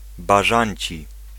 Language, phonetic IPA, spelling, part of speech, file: Polish, [baˈʒãɲt͡ɕi], bażanci, adjective, Pl-bażanci.ogg